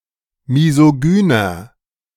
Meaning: 1. comparative degree of misogyn 2. inflection of misogyn: strong/mixed nominative masculine singular 3. inflection of misogyn: strong genitive/dative feminine singular
- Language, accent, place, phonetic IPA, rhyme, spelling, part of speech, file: German, Germany, Berlin, [mizoˈɡyːnɐ], -yːnɐ, misogyner, adjective, De-misogyner.ogg